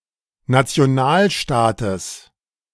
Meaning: genitive singular of Nationalstaat
- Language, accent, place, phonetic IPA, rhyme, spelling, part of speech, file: German, Germany, Berlin, [nat͡si̯oˈnaːlˌʃtaːtəs], -aːlʃtaːtəs, Nationalstaates, noun, De-Nationalstaates.ogg